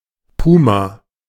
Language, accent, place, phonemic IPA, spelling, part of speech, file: German, Germany, Berlin, /ˈpuːma/, Puma, noun, De-Puma.ogg
- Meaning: cougar, puma